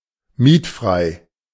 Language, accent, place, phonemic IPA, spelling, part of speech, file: German, Germany, Berlin, /ˈmiːtˌfʁaɪ̯/, mietfrei, adjective, De-mietfrei.ogg
- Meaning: rent-free